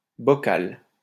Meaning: 1. jar 2. bowl
- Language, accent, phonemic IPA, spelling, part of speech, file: French, France, /bɔ.kal/, bocal, noun, LL-Q150 (fra)-bocal.wav